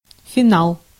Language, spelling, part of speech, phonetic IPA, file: Russian, финал, noun, [fʲɪˈnaɫ], Ru-финал.ogg
- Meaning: 1. finale, ending, denouement 2. final